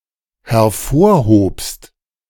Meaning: second-person singular dependent preterite of hervorheben
- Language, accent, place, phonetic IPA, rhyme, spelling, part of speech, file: German, Germany, Berlin, [hɛɐ̯ˈfoːɐ̯ˌhoːpst], -oːɐ̯hoːpst, hervorhobst, verb, De-hervorhobst.ogg